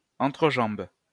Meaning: plural of entrejambe
- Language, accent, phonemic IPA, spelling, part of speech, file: French, France, /ɑ̃.tʁə.ʒɑ̃b/, entrejambes, noun, LL-Q150 (fra)-entrejambes.wav